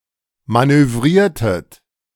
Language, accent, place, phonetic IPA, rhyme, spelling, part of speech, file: German, Germany, Berlin, [ˌmanøˈvʁiːɐ̯tət], -iːɐ̯tət, manövriertet, verb, De-manövriertet.ogg
- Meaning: inflection of manövrieren: 1. second-person plural preterite 2. second-person plural subjunctive II